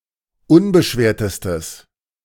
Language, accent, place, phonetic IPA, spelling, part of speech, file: German, Germany, Berlin, [ˈʊnbəˌʃveːɐ̯təstəs], unbeschwertestes, adjective, De-unbeschwertestes.ogg
- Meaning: strong/mixed nominative/accusative neuter singular superlative degree of unbeschwert